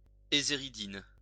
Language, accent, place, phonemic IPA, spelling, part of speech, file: French, France, Lyon, /e.ze.ʁi.din/, éséridine, noun, LL-Q150 (fra)-éséridine.wav
- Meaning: eseridine